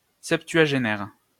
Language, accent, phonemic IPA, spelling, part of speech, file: French, France, /sɛp.tɥa.ʒe.nɛʁ/, septuagénaire, adjective / noun, LL-Q150 (fra)-septuagénaire.wav
- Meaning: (adjective) septuagenarian